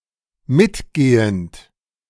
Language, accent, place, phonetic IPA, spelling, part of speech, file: German, Germany, Berlin, [ˈmɪtˌɡeːənt], mitgehend, verb, De-mitgehend.ogg
- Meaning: present participle of mitgehen